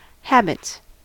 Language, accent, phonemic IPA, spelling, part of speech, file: English, US, /ˈhæb.ɪts/, habits, noun / verb, En-us-habits.ogg
- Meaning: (noun) plural of habit; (verb) third-person singular simple present indicative of habit